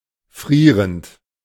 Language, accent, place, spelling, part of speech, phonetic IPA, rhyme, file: German, Germany, Berlin, frierend, verb, [ˈfʁiːʁənt], -iːʁənt, De-frierend.ogg
- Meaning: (verb) present participle of frieren; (adjective) freezing